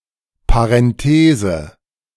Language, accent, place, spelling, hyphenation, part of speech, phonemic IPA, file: German, Germany, Berlin, Parenthese, Pa‧ren‧the‧se, noun, /paʁɛnˈteːzə/, De-Parenthese.ogg
- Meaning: parenthesis